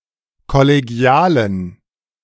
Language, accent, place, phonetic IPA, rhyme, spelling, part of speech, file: German, Germany, Berlin, [kɔleˈɡi̯aːlən], -aːlən, kollegialen, adjective, De-kollegialen.ogg
- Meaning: inflection of kollegial: 1. strong genitive masculine/neuter singular 2. weak/mixed genitive/dative all-gender singular 3. strong/weak/mixed accusative masculine singular 4. strong dative plural